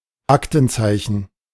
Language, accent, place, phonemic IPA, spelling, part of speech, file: German, Germany, Berlin, /ˈaktn̩ˌt͡saɪ̯çn̩/, Aktenzeichen, noun, De-Aktenzeichen.ogg
- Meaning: file number, reference number